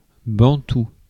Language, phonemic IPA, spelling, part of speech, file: French, /bɑ̃.tu/, bantou, adjective, Fr-bantou.ogg
- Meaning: Bantu